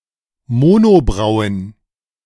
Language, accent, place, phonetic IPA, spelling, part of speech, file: German, Germany, Berlin, [ˈmoːnoˌbʁaʊ̯ən], Monobrauen, noun, De-Monobrauen.ogg
- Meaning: plural of Monobraue